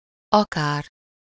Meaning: 1. might as well, even 2. just like 3. whether … or …
- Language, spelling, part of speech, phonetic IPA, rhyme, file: Hungarian, akár, conjunction, [ˈɒkaːr], -aːr, Hu-akár.ogg